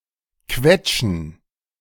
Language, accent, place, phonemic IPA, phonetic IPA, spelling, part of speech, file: German, Germany, Berlin, /ˈkvɛtʃən/, [ˈkʰvɛtʃn̩], quetschen, verb, De-quetschen.ogg
- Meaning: to squeeze, to squish (to exert strong targeted pressure on something, pushing against an obstacle or resistance): to crush, to pinch (to hurt a body part through pressure from a heavy object)